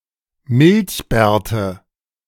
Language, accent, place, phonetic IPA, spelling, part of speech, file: German, Germany, Berlin, [ˈmɪlçˌbɛːɐ̯tə], Milchbärte, noun, De-Milchbärte.ogg
- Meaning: nominative/accusative/genitive plural of Milchbart